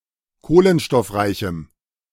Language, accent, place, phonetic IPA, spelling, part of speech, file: German, Germany, Berlin, [ˈkoːlənʃtɔfˌʁaɪ̯çm̩], kohlenstoffreichem, adjective, De-kohlenstoffreichem.ogg
- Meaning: strong dative masculine/neuter singular of kohlenstoffreich